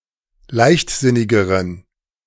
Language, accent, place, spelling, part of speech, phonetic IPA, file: German, Germany, Berlin, leichtsinnigeren, adjective, [ˈlaɪ̯çtˌzɪnɪɡəʁən], De-leichtsinnigeren.ogg
- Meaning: inflection of leichtsinnig: 1. strong genitive masculine/neuter singular comparative degree 2. weak/mixed genitive/dative all-gender singular comparative degree